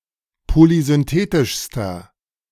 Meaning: inflection of polysynthetisch: 1. strong/mixed nominative masculine singular superlative degree 2. strong genitive/dative feminine singular superlative degree
- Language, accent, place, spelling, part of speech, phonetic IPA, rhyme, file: German, Germany, Berlin, polysynthetischster, adjective, [polizʏnˈteːtɪʃstɐ], -eːtɪʃstɐ, De-polysynthetischster.ogg